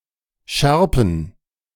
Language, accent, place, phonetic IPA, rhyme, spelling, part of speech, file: German, Germany, Berlin, [ˈʃɛʁpn̩], -ɛʁpn̩, Schärpen, noun, De-Schärpen.ogg
- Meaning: plural of Schärpe